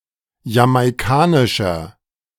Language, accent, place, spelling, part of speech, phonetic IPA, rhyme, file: German, Germany, Berlin, jamaikanischer, adjective, [jamaɪ̯ˈkaːnɪʃɐ], -aːnɪʃɐ, De-jamaikanischer.ogg
- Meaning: inflection of jamaikanisch: 1. strong/mixed nominative masculine singular 2. strong genitive/dative feminine singular 3. strong genitive plural